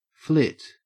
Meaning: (noun) 1. A fluttering or darting movement 2. A sudden departure from a property 3. A particular, unexpected, short lived change of state 4. A homosexual; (verb) To move about rapidly and nimbly
- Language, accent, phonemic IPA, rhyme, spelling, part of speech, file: English, Australia, /flɪt/, -ɪt, flit, noun / verb / adjective, En-au-flit.ogg